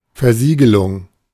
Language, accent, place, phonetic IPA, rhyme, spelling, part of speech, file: German, Germany, Berlin, [fɛɐ̯ˈziːɡəlʊŋ], -iːɡəlʊŋ, Versiegelung, noun, De-Versiegelung.ogg
- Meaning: 1. sealing (e.g. of a document with a signet to indicate authorship, approval, etc) 2. sealing to discourage or make noticeable unauthorized opening of (something, e.g. a letter, or a building)